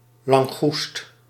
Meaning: spiny lobster
- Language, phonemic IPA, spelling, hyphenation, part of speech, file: Dutch, /lɑŋˈɣust/, langoest, lan‧goest, noun, Nl-langoest.ogg